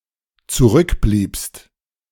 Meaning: second-person singular dependent preterite of zurückbleiben
- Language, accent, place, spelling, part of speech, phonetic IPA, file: German, Germany, Berlin, zurückbliebst, verb, [t͡suˈʁʏkˌbliːpst], De-zurückbliebst.ogg